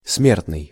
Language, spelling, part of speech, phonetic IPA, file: Russian, смертный, adjective / noun, [ˈsmʲertnɨj], Ru-смертный.ogg
- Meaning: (adjective) 1. mortal (susceptible to death) 2. death; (noun) mortal (person susceptible to death)